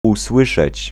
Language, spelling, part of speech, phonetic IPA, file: Polish, usłyszeć, verb, [uˈswɨʃɛt͡ɕ], Pl-usłyszeć.ogg